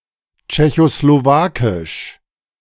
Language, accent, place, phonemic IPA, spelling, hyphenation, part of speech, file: German, Germany, Berlin, /t͡ʃɛçosloˈvaːkɪʃ/, tschechoslowakisch, tsche‧cho‧slo‧wa‧kisch, adjective, De-tschechoslowakisch.ogg
- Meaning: Czechoslovak, Czechoslovakian